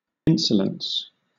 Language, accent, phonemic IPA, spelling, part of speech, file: English, Southern England, /ˈɪn.sə.ləns/, insolence, noun / verb, LL-Q1860 (eng)-insolence.wav
- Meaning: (noun) 1. Contemptible, ill-mannered conduct; insulting: arrogant, bold behaviour or attitude 2. Insolent conduct or treatment; insult 3. The quality of being unusual or novel; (verb) To insult